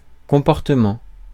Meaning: behaviour/behavior, demeanour/demeanor
- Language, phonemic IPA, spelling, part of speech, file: French, /kɔ̃.pɔʁ.tə.mɑ̃/, comportement, noun, Fr-comportement.ogg